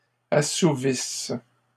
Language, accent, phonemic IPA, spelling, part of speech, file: French, Canada, /a.su.vis/, assouvisse, verb, LL-Q150 (fra)-assouvisse.wav
- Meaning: inflection of assouvir: 1. first/third-person singular present subjunctive 2. first-person singular imperfect subjunctive